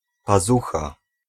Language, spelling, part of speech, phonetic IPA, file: Polish, pazucha, noun, [paˈzuxa], Pl-pazucha.ogg